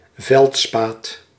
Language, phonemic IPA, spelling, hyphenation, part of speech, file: Dutch, /ˈvɛlt.spaːt/, veldspaat, veld‧spaat, noun, Nl-veldspaat.ogg
- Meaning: feldspar